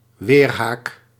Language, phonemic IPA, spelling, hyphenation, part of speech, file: Dutch, /ˈʋeːr.ɦaːk/, weerhaak, weer‧haak, noun, Nl-weerhaak.ogg
- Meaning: barb, fluke (protruding point or hook in stingers or metal weapons or tools)